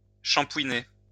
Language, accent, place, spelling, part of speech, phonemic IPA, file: French, France, Lyon, shampooiner, verb, /ʃɑ̃.pwi.ne/, LL-Q150 (fra)-shampooiner.wav
- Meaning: to shampoo